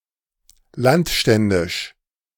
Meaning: of the Landstände
- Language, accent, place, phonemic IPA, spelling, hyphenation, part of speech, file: German, Germany, Berlin, /ˈlantˌʃtɛndɪʃ/, landständisch, land‧stän‧disch, adjective, De-landständisch.ogg